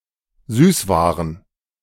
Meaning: plural of Süßware
- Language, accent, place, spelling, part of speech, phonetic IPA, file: German, Germany, Berlin, Süßwaren, noun, [ˈzyːsˌvaːʁən], De-Süßwaren.ogg